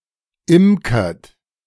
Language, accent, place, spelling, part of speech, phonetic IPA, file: German, Germany, Berlin, imkert, verb, [ˈɪmkɐt], De-imkert.ogg
- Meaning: inflection of imkern: 1. third-person singular present 2. second-person plural present 3. plural imperative